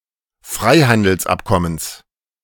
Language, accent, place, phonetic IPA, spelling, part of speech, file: German, Germany, Berlin, [ˈfʁaɪ̯handl̩sˌʔapkɔməns], Freihandelsabkommens, noun, De-Freihandelsabkommens.ogg
- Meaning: genitive singular of Freihandelsabkommen